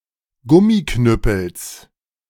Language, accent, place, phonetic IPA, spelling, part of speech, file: German, Germany, Berlin, [ˈɡʊmiˌknʏpl̩s], Gummiknüppels, noun, De-Gummiknüppels.ogg
- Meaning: genitive singular of Gummiknüppel